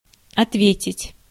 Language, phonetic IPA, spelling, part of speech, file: Russian, [ɐtˈvʲetʲɪtʲ], ответить, verb, Ru-ответить.ogg
- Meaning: 1. to answer, to reply 2. to be responsible for, to be accountable for, to be liable for 3. to account for, to answer for 4. to be held to account for, to be called to account for